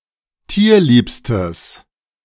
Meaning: strong/mixed nominative/accusative neuter singular superlative degree of tierlieb
- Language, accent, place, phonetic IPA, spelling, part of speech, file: German, Germany, Berlin, [ˈtiːɐ̯ˌliːpstəs], tierliebstes, adjective, De-tierliebstes.ogg